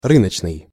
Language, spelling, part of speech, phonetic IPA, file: Russian, рыночный, adjective, [ˈrɨnət͡ɕnɨj], Ru-рыночный.ogg
- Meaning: market